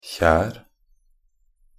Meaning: a device consisting of a chamber with a wedge-shaped entrance for catching salmon or trout in rivers
- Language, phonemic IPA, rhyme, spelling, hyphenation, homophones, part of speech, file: Norwegian Bokmål, /çæːr/, -æːr, kjer, kjer, kjær, noun, Nb-kjer.ogg